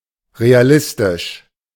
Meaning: realistic
- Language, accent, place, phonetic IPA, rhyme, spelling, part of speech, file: German, Germany, Berlin, [ʁeaˈlɪstɪʃ], -ɪstɪʃ, realistisch, adjective, De-realistisch.ogg